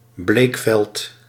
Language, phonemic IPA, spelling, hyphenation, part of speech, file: Dutch, /ˈbleːk.fɛlt/, bleekveld, bleek‧veld, noun, Nl-bleekveld.ogg
- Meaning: a bleachfield (field for bleaching fabrics, esp. linens, in the Sun)